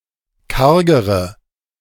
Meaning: inflection of karg: 1. strong/mixed nominative/accusative feminine singular comparative degree 2. strong nominative/accusative plural comparative degree
- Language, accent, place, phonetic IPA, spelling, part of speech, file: German, Germany, Berlin, [ˈkaʁɡəʁə], kargere, adjective, De-kargere.ogg